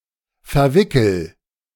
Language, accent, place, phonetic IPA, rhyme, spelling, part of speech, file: German, Germany, Berlin, [fɛɐ̯ˈvɪkl̩], -ɪkl̩, verwickel, verb, De-verwickel.ogg
- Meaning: inflection of verwickeln: 1. first-person singular present 2. singular imperative